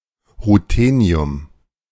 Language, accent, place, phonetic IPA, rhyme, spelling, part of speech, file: German, Germany, Berlin, [ʁuˈteːni̯ʊm], -eːni̯ʊm, Ruthenium, noun, De-Ruthenium.ogg
- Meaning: ruthenium